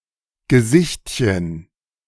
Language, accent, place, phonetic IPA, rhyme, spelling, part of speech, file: German, Germany, Berlin, [ɡəˈzɪçtçən], -ɪçtçən, Gesichtchen, noun, De-Gesichtchen.ogg
- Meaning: diminutive of Gesicht